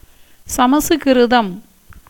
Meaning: standard form of சமஸ்கிருதம் (camaskirutam)
- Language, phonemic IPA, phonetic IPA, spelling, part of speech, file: Tamil, /tʃɐmɐtʃʊɡɪɾʊd̪ɐm/, [sɐmɐsʊɡɪɾʊd̪ɐm], சமசுகிருதம், proper noun, Ta-சமசுகிருதம்.ogg